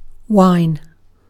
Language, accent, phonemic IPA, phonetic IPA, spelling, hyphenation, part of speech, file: English, UK, /ˈwaɪ̯n/, [ˈwaɪ̯n], wine, wine, noun / verb, En-uk-wine.ogg
- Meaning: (noun) 1. An alcoholic beverage made by fermenting grape juice, with an ABV ranging from 5.5–16% 2. An alcoholic beverage made by fermenting other substances, producing a similar ABV